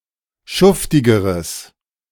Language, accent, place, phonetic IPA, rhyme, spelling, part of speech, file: German, Germany, Berlin, [ˈʃʊftɪɡəʁəs], -ʊftɪɡəʁəs, schuftigeres, adjective, De-schuftigeres.ogg
- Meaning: strong/mixed nominative/accusative neuter singular comparative degree of schuftig